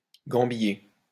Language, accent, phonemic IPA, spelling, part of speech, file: French, France, /ɡɑ̃.bi.je/, gambiller, verb, LL-Q150 (fra)-gambiller.wav
- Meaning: 1. to jig about 2. to dance